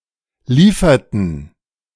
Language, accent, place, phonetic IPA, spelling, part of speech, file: German, Germany, Berlin, [ˈliːfɐtn̩], lieferten, verb, De-lieferten.ogg
- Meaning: inflection of liefern: 1. first/third-person plural preterite 2. first/third-person plural subjunctive II